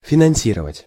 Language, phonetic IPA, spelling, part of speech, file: Russian, [fʲɪnɐn⁽ʲ⁾ˈsʲirəvətʲ], финансировать, verb, Ru-финансировать.ogg
- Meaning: to finance, to fund